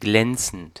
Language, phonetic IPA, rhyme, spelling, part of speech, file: German, [ˈɡlɛnt͡sn̩t], -ɛnt͡sn̩t, glänzend, adjective / verb, De-glänzend.ogg
- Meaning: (verb) present participle of glänzen; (adjective) 1. shiny, glossy 2. lustrous, gleaming